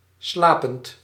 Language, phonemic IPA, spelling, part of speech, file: Dutch, /ˈslapənt/, slapend, verb / adjective, Nl-slapend.ogg
- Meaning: present participle of slapen